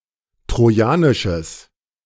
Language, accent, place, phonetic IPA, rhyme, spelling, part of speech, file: German, Germany, Berlin, [tʁoˈjaːnɪʃəs], -aːnɪʃəs, trojanisches, adjective, De-trojanisches.ogg
- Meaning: strong/mixed nominative/accusative neuter singular of trojanisch